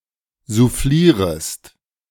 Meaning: second-person singular subjunctive I of soufflieren
- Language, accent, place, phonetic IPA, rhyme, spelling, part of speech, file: German, Germany, Berlin, [zuˈfliːʁəst], -iːʁəst, soufflierest, verb, De-soufflierest.ogg